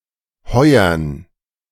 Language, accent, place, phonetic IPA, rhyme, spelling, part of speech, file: German, Germany, Berlin, [ˈhɔɪ̯ɐn], -ɔɪ̯ɐn, Heuern, noun, De-Heuern.ogg
- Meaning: plural of Heuer